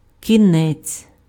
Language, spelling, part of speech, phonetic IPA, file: Ukrainian, кінець, noun, [kʲiˈnɛt͡sʲ], Uk-кінець.ogg
- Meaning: 1. end, termination, conclusion 2. aim, purpose, goal